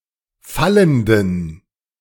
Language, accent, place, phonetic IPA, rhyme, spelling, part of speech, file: German, Germany, Berlin, [ˈfaləndn̩], -aləndn̩, fallenden, adjective, De-fallenden.ogg
- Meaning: inflection of fallend: 1. strong genitive masculine/neuter singular 2. weak/mixed genitive/dative all-gender singular 3. strong/weak/mixed accusative masculine singular 4. strong dative plural